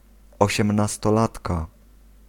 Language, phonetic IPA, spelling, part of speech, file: Polish, [ˌɔɕɛ̃mnastɔˈlatka], osiemnastolatka, noun, Pl-osiemnastolatka.ogg